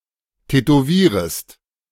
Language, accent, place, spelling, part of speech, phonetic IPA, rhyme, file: German, Germany, Berlin, tätowierest, verb, [tɛtoˈviːʁəst], -iːʁəst, De-tätowierest.ogg
- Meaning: second-person singular subjunctive I of tätowieren